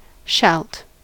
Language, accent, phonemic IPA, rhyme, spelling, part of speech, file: English, US, /ʃælt/, -ælt, shalt, verb, En-us-shalt.ogg
- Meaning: second-person singular simple present indicative of shall